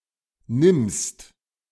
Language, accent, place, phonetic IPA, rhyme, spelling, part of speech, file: German, Germany, Berlin, [nɪmst], -ɪmst, nimmst, verb, De-nimmst.ogg
- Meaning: second-person singular present of nehmen